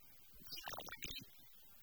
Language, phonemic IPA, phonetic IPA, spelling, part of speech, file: Tamil, /ʋɪnɑːɖiː/, [ʋɪnäːɖiː], விநாடி, noun, Ta-விநாடி.ogg
- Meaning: second